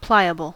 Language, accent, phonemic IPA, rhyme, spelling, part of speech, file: English, US, /ˈplaɪəbəl/, -aɪəbəl, pliable, adjective, En-us-pliable.ogg
- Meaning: 1. Soft, flexible, easily bent, formed, shaped, or molded 2. Easily persuaded; yielding to influence